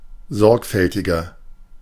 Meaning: 1. comparative degree of sorgfältig 2. inflection of sorgfältig: strong/mixed nominative masculine singular 3. inflection of sorgfältig: strong genitive/dative feminine singular
- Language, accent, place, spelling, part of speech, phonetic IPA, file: German, Germany, Berlin, sorgfältiger, adjective, [ˈzɔʁkfɛltɪɡɐ], De-sorgfältiger.ogg